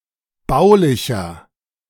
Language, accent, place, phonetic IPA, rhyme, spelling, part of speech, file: German, Germany, Berlin, [ˈbaʊ̯lɪçɐ], -aʊ̯lɪçɐ, baulicher, adjective, De-baulicher.ogg
- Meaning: inflection of baulich: 1. strong/mixed nominative masculine singular 2. strong genitive/dative feminine singular 3. strong genitive plural